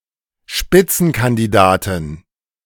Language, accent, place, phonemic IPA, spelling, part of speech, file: German, Germany, Berlin, /ˈʃpɪt͡sn̩kandiˌdaːtɪn/, Spitzenkandidatin, noun, De-Spitzenkandidatin.ogg
- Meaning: female front runner